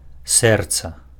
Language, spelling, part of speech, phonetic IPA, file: Belarusian, сэрца, noun, [ˈsɛrt͡sa], Be-сэрца.ogg
- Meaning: heart